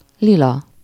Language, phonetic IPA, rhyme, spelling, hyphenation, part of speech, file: Hungarian, [ˈlilɒ], -lɒ, lila, li‧la, adjective, Hu-lila.ogg
- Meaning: purple, violet (color/colour)